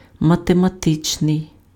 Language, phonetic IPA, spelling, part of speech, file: Ukrainian, [mɐtemɐˈtɪt͡ʃnei̯], математичний, adjective, Uk-математичний.ogg
- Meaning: mathematical